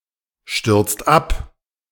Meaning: inflection of abstürzen: 1. second/third-person singular present 2. second-person plural present 3. plural imperative
- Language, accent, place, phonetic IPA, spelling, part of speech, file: German, Germany, Berlin, [ˌʃtʏʁt͡st ˈap], stürzt ab, verb, De-stürzt ab.ogg